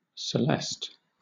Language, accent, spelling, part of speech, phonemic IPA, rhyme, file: English, Southern England, Celeste, proper noun, /səˈlɛst/, -ɛst, LL-Q1860 (eng)-Celeste.wav
- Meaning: 1. A female given name from French [in turn from Latin] 2. A minor city in Hunt County, Texas, United States